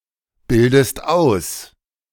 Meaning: inflection of ausbilden: 1. second-person singular present 2. second-person singular subjunctive I
- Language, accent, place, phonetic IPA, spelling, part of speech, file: German, Germany, Berlin, [ˌbɪldəst ˈaʊ̯s], bildest aus, verb, De-bildest aus.ogg